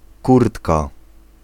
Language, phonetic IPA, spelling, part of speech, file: Polish, [ˈkurtka], kurtka, noun, Pl-kurtka.ogg